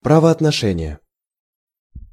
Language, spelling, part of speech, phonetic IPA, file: Russian, правоотношение, noun, [prəvɐɐtnɐˈʂɛnʲɪje], Ru-правоотношение.ogg
- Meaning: jural relation, legal relation